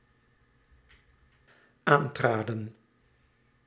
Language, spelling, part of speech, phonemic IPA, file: Dutch, aantraden, verb, /ˈantradə(n)/, Nl-aantraden.ogg
- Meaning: inflection of aantreden: 1. plural dependent-clause past indicative 2. plural dependent-clause past subjunctive